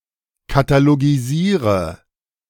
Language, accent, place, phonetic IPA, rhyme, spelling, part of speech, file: German, Germany, Berlin, [kataloɡiˈziːʁə], -iːʁə, katalogisiere, verb, De-katalogisiere.ogg
- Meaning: inflection of katalogisieren: 1. first-person singular present 2. first/third-person singular subjunctive I 3. singular imperative